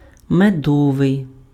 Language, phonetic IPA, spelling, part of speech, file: Ukrainian, [meˈdɔʋei̯], медовий, adjective, Uk-медовий.ogg
- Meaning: 1. honey (attributive) 2. honeyed